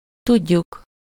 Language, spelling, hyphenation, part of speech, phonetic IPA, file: Hungarian, tudjuk, tud‧juk, verb, [ˈtuɟːuk], Hu-tudjuk.ogg
- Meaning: 1. first-person plural indicative present definite of tud 2. first-person plural subjunctive present definite of tud